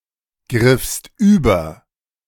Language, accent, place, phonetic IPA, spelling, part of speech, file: German, Germany, Berlin, [ˌɡʁɪfst ˈyːbɐ], griffst über, verb, De-griffst über.ogg
- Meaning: second-person singular preterite of übergreifen